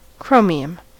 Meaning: A chemical element (symbol Cr) with an atomic number of 24: a steely-grey, lustrous, hard and brittle transition metal
- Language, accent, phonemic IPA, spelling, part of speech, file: English, US, /ˈkɹoʊ.mi.əm/, chromium, noun, En-us-chromium.ogg